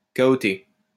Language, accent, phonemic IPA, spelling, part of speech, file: French, France, /ka.ɔ.te/, cahoter, verb, LL-Q150 (fra)-cahoter.wav
- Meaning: 1. to bump, jolt 2. to jolt along, bounce along